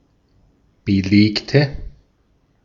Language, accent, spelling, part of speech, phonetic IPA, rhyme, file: German, Austria, belegte, adjective / verb, [bəˈleːktə], -eːktə, De-at-belegte.ogg
- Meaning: inflection of belegt: 1. strong/mixed nominative/accusative feminine singular 2. strong nominative/accusative plural 3. weak nominative all-gender singular 4. weak accusative feminine/neuter singular